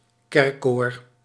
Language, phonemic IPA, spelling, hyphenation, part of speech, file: Dutch, /ˈkɛrkoːr/, kerkkoor, kerk‧koor, noun, Nl-kerkkoor.ogg
- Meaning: 1. church choir (choir of singers affiliated to a church) 2. choir of a church